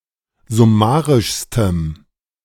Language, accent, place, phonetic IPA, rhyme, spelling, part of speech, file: German, Germany, Berlin, [zʊˈmaːʁɪʃstəm], -aːʁɪʃstəm, summarischstem, adjective, De-summarischstem.ogg
- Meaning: strong dative masculine/neuter singular superlative degree of summarisch